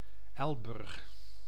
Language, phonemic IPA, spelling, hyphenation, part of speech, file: Dutch, /ˈɛl.bʏrx/, Elburg, El‧burg, proper noun, Nl-Elburg.ogg
- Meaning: Elburg (a city and municipality of Gelderland, Netherlands)